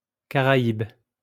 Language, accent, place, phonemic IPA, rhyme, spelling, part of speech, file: French, France, Lyon, /ka.ʁa.ib/, -ib, caraïbe, adjective / noun, LL-Q150 (fra)-caraïbe.wav
- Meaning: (adjective) Caribbean; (noun) Caribbean (resident or native of the Caribbean)